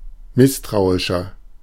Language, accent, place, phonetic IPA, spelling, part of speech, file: German, Germany, Berlin, [ˈmɪstʁaʊ̯ɪʃɐ], misstrauischer, adjective, De-misstrauischer.ogg
- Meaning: 1. comparative degree of misstrauisch 2. inflection of misstrauisch: strong/mixed nominative masculine singular 3. inflection of misstrauisch: strong genitive/dative feminine singular